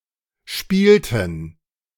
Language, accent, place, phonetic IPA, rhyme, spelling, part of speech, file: German, Germany, Berlin, [ˈʃpiːltn̩], -iːltn̩, spielten, verb, De-spielten.ogg
- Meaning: inflection of spielen: 1. first/third-person plural preterite 2. first/third-person plural subjunctive II